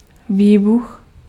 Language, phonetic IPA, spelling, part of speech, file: Czech, [ˈviːbux], výbuch, noun, Cs-výbuch.ogg
- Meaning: explosion